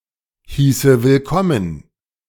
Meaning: first/third-person singular subjunctive II of willkommen heißen
- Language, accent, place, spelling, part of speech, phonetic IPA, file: German, Germany, Berlin, hieße willkommen, verb, [ˌhiːsə vɪlˈkɔmən], De-hieße willkommen.ogg